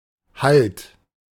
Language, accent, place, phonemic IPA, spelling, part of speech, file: German, Germany, Berlin, /halt/, Halt, noun, De-Halt.ogg
- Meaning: 1. hold; adhesion 2. foothold; grip 3. support 4. stop (e.g. of a train) 5. halt; cessation